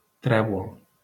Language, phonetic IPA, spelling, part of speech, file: Catalan, [ˈtɾɛ.βul], trèvol, noun, LL-Q7026 (cat)-trèvol.wav
- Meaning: 1. clover 2. trefoil (symbol) 3. clubs 4. clipping of enllaç de trèvol (“cloverleaf interchange”)